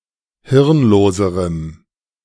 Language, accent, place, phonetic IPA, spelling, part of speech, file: German, Germany, Berlin, [ˈhɪʁnˌloːzəʁəm], hirnloserem, adjective, De-hirnloserem.ogg
- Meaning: strong dative masculine/neuter singular comparative degree of hirnlos